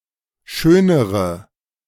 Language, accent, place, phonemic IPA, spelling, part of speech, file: German, Germany, Berlin, /ˈʃøːnəʁə/, schönere, adjective, De-schönere.ogg
- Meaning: inflection of schön: 1. strong/mixed nominative/accusative feminine singular comparative degree 2. strong nominative/accusative plural comparative degree